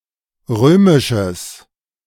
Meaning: strong/mixed nominative/accusative neuter singular of römisch
- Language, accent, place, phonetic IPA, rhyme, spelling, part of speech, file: German, Germany, Berlin, [ˈʁøːmɪʃəs], -øːmɪʃəs, römisches, adjective, De-römisches.ogg